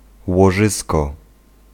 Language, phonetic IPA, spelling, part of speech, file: Polish, [wɔˈʒɨskɔ], łożysko, noun, Pl-łożysko.ogg